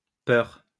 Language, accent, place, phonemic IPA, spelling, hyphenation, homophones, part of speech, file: French, France, Lyon, /pœʁ/, peurs, peurs, peur, noun, LL-Q150 (fra)-peurs.wav
- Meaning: plural of peur